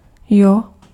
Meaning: yeah, yep, yup
- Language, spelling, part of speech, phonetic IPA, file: Czech, jo, particle, [ˈjo], Cs-jo.ogg